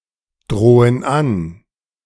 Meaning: inflection of androhen: 1. first/third-person plural present 2. first/third-person plural subjunctive I
- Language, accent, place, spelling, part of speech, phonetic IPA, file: German, Germany, Berlin, drohen an, verb, [ˌdʁoːən ˈan], De-drohen an.ogg